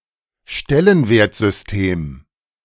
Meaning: positional notation, place-value notation, positional numeral system
- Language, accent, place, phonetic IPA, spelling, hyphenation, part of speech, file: German, Germany, Berlin, [ˈʃtɛlənveːɐ̯t.zʏsˌteːm], Stellenwertsystem, Stel‧len‧wert‧sys‧tem, noun, De-Stellenwertsystem.ogg